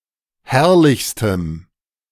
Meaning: strong dative masculine/neuter singular superlative degree of herrlich
- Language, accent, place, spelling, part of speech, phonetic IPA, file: German, Germany, Berlin, herrlichstem, adjective, [ˈhɛʁlɪçstəm], De-herrlichstem.ogg